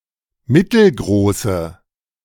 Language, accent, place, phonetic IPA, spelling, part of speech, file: German, Germany, Berlin, [ˈmɪtl̩ˌɡʁoːsə], mittelgroße, adjective, De-mittelgroße.ogg
- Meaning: inflection of mittelgroß: 1. strong/mixed nominative/accusative feminine singular 2. strong nominative/accusative plural 3. weak nominative all-gender singular